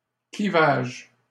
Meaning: 1. cleavage 2. separation, dissociation 3. deep divide between two entities, chasm
- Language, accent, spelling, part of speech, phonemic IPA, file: French, Canada, clivage, noun, /kli.vaʒ/, LL-Q150 (fra)-clivage.wav